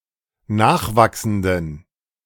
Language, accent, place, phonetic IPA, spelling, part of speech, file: German, Germany, Berlin, [ˈnaːxˌvaksn̩dən], nachwachsenden, adjective, De-nachwachsenden.ogg
- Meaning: inflection of nachwachsend: 1. strong genitive masculine/neuter singular 2. weak/mixed genitive/dative all-gender singular 3. strong/weak/mixed accusative masculine singular 4. strong dative plural